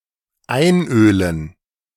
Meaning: to oil
- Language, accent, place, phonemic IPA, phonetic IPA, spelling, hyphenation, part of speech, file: German, Germany, Berlin, /ˈaɪ̯nˌøːlən/, [ˈʔaɪ̯nˌʔøːln̩], einölen, ein‧ö‧len, verb, De-einölen.ogg